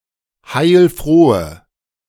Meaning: inflection of heilfroh: 1. strong/mixed nominative/accusative feminine singular 2. strong nominative/accusative plural 3. weak nominative all-gender singular
- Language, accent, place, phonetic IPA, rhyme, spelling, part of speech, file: German, Germany, Berlin, [ˈhaɪ̯lˈfʁoːə], -oːə, heilfrohe, adjective, De-heilfrohe.ogg